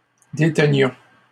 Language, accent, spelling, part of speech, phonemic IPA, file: French, Canada, détenions, verb, /de.tə.njɔ̃/, LL-Q150 (fra)-détenions.wav
- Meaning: inflection of détenir: 1. first-person plural imperfect indicative 2. first-person plural present subjunctive